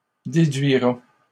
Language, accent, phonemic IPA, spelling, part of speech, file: French, Canada, /de.dɥi.ʁa/, déduira, verb, LL-Q150 (fra)-déduira.wav
- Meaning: third-person singular simple future of déduire